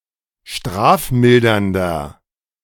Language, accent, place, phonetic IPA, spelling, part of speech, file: German, Germany, Berlin, [ˈʃtʁaːfˌmɪldɐndɐ], strafmildernder, adjective, De-strafmildernder.ogg
- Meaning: inflection of strafmildernd: 1. strong/mixed nominative masculine singular 2. strong genitive/dative feminine singular 3. strong genitive plural